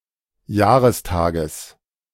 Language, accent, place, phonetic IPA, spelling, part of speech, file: German, Germany, Berlin, [ˈjaːʁəsˌtaːɡəs], Jahrestages, noun, De-Jahrestages.ogg
- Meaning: genitive of Jahrestag